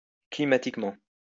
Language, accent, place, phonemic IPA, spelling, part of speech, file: French, France, Lyon, /kli.ma.tik.mɑ̃/, climatiquement, adverb, LL-Q150 (fra)-climatiquement.wav
- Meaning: climatically